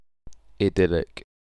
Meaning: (adjective) 1. Of or pertaining to idylls 2. Extremely happy, peaceful, or picturesque; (noun) An idyllic state or situation. (A substantive use of the adjective)
- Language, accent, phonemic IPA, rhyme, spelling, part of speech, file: English, UK, /ɪˈdɪlɪk/, -ɪlɪk, idyllic, adjective / noun, En-uk-idyllic.ogg